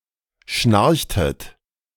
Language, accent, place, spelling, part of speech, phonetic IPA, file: German, Germany, Berlin, schnarchtet, verb, [ˈʃnaʁçtət], De-schnarchtet.ogg
- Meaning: inflection of schnarchen: 1. second-person plural preterite 2. second-person plural subjunctive II